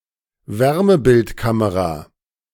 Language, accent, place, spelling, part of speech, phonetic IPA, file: German, Germany, Berlin, Wärmebildkamera, noun, [ˈvɛʁməbɪltˌkaməʁa], De-Wärmebildkamera.ogg
- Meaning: thermal camera, thermographic camera, thermal imaging camera, infrared camera